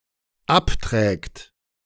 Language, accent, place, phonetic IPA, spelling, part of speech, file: German, Germany, Berlin, [ˈapˌtʁɛːkt], abträgt, verb, De-abträgt.ogg
- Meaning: third-person singular dependent present of abtragen